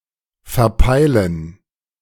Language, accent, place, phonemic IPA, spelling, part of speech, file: German, Germany, Berlin, /fɛɐ̯ˈpaɪlən/, verpeilen, verb, De-verpeilen.ogg
- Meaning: to mess up, to be out of it, to forget